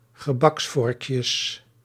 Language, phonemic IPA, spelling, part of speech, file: Dutch, /ɣəˈbɑksfɔrᵊkjəs/, gebaksvorkjes, noun, Nl-gebaksvorkjes.ogg
- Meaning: plural of gebaksvorkje